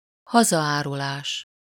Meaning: high treason, treason (the crime of betraying one’s own country)
- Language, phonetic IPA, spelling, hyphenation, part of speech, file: Hungarian, [ˈhɒzɒaːrulaːʃ], hazaárulás, ha‧za‧áru‧lás, noun, Hu-hazaárulás.ogg